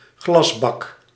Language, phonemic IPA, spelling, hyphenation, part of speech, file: Dutch, /ˈɣlɑsˌbɑk/, glasbak, glas‧bak, noun, Nl-glasbak.ogg
- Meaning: bottle bank